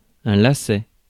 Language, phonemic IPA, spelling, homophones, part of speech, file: French, /la.sɛ/, lacet, laçaient / laçais / lassaient / lassais, noun, Fr-lacet.ogg
- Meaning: 1. lace (of boot, shoe) 2. knot on a rope, especially for trapping small animals 3. trap, ambush 4. bend, twist (of a road), a switchback 5. yaw (rotation about the vertical axis)